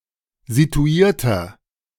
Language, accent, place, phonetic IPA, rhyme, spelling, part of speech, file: German, Germany, Berlin, [zituˈiːɐ̯tɐ], -iːɐ̯tɐ, situierter, adjective, De-situierter.ogg
- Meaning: 1. comparative degree of situiert 2. inflection of situiert: strong/mixed nominative masculine singular 3. inflection of situiert: strong genitive/dative feminine singular